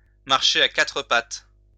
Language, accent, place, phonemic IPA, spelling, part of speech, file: French, France, Lyon, /maʁ.ʃe a ka.tʁə pat/, marcher à quatre pattes, verb, LL-Q150 (fra)-marcher à quatre pattes.wav
- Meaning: 1. to walk on all fours; walk on all four legs 2. to crawl